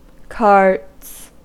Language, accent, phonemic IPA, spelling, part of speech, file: English, US, /kɑɹts/, carts, noun / verb, En-us-carts.ogg
- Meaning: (noun) plural of cart; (verb) third-person singular simple present indicative of cart